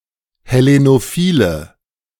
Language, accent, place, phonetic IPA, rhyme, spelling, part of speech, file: German, Germany, Berlin, [hɛˌlenoˈfiːlə], -iːlə, hellenophile, adjective, De-hellenophile.ogg
- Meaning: inflection of hellenophil: 1. strong/mixed nominative/accusative feminine singular 2. strong nominative/accusative plural 3. weak nominative all-gender singular